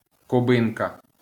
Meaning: female equivalent of куби́нець (kubýnecʹ): Cuban (female person from Cuba)
- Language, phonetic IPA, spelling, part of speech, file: Ukrainian, [kʊˈbɪnkɐ], кубинка, noun, LL-Q8798 (ukr)-кубинка.wav